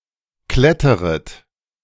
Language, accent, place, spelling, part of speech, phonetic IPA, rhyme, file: German, Germany, Berlin, kletteret, verb, [ˈklɛtəʁət], -ɛtəʁət, De-kletteret.ogg
- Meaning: second-person plural subjunctive I of klettern